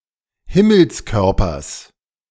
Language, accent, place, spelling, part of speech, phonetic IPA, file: German, Germany, Berlin, Himmelskörpers, noun, [ˈhɪml̩sˌkœʁpɐs], De-Himmelskörpers.ogg
- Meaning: genitive singular of Himmelskörper